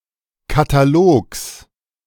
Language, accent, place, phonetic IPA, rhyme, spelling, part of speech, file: German, Germany, Berlin, [kataˈloːks], -oːks, Katalogs, noun, De-Katalogs.ogg
- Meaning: genitive of Katalog